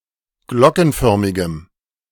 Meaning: strong dative masculine/neuter singular of glockenförmig
- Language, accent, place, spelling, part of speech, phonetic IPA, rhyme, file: German, Germany, Berlin, glockenförmigem, adjective, [ˈɡlɔkn̩ˌfœʁmɪɡəm], -ɔkn̩fœʁmɪɡəm, De-glockenförmigem.ogg